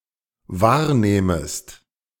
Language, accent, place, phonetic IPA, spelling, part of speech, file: German, Germany, Berlin, [ˈvaːɐ̯ˌneːməst], wahrnehmest, verb, De-wahrnehmest.ogg
- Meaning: second-person singular dependent subjunctive I of wahrnehmen